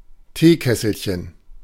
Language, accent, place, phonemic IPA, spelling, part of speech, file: German, Germany, Berlin, /ˈteːˌkɛsl̩çən/, Teekesselchen, noun, De-Teekesselchen.ogg
- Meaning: 1. diminutive of Teekessel: a small teapot 2. homonym (a placeholder word with multiple distinct, unrelated meanings, used in word guessing games)